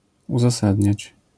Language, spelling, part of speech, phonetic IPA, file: Polish, uzasadniać, verb, [ˌuzaˈsadʲɲät͡ɕ], LL-Q809 (pol)-uzasadniać.wav